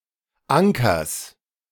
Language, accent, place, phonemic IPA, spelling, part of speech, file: German, Germany, Berlin, /ˈʔaŋkɐs/, Ankers, noun, De-Ankers.ogg
- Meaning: genitive singular of Anker